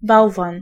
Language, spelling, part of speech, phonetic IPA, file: Polish, bałwan, noun, [ˈbawvãn], Pl-bałwan.ogg